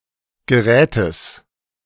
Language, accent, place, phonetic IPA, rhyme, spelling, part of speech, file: German, Germany, Berlin, [ɡəˈʁɛːtəs], -ɛːtəs, Gerätes, noun, De-Gerätes.ogg
- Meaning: genitive singular of Gerät